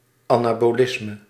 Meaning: anabolism
- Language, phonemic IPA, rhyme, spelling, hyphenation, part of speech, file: Dutch, /ɑnaːboːˈlɪsmə/, -ɪsmə, anabolisme, ana‧bo‧lis‧me, noun, Nl-anabolisme.ogg